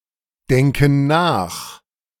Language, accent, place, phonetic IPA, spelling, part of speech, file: German, Germany, Berlin, [ˌdɛŋkn̩ ˈnaːx], denken nach, verb, De-denken nach.ogg
- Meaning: inflection of nachdenken: 1. first/third-person plural present 2. first/third-person plural subjunctive I